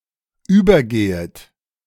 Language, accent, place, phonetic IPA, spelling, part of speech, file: German, Germany, Berlin, [ˈyːbɐˌɡeːət], übergehet, verb, De-übergehet.ogg
- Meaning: second-person plural subjunctive I of übergehen